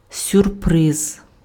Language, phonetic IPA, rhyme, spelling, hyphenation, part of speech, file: Ukrainian, [sʲʊrˈprɪz], -ɪz, сюрприз, сюр‧приз, noun, Uk-сюрприз.ogg
- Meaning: surprise (something unexpected)